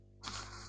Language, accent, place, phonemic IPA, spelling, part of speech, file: French, France, Lyon, /ba.bɔʁ/, babord, noun, LL-Q150 (fra)-babord.wav
- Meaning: archaic spelling of bâbord; larboard, port (the left side of a ship)